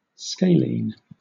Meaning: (adjective) 1. Having sides all unequal in length 2. Of or pertaining to the scalene muscle; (noun) 1. Ellipsis of scalene muscle 2. Ellipsis of scalene triangle
- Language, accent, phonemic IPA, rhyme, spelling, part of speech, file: English, Southern England, /ˈskeɪliːn/, -eɪlin, scalene, adjective / noun, LL-Q1860 (eng)-scalene.wav